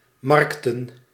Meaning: plural of markt
- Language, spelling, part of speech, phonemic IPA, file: Dutch, markten, noun, /ˈmɑrᵊktə(n)/, Nl-markten.ogg